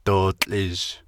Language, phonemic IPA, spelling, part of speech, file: Navajo, /tòːt͡ɬʼɪ̀ʒ/, dootłʼizh, verb / noun, Nv-dootłʼizh.ogg
- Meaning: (verb) 1. he/she/it is turquoise, green, blue, purple 2. he/she has a bruise 3. he/she has a black eye; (noun) dime (coin)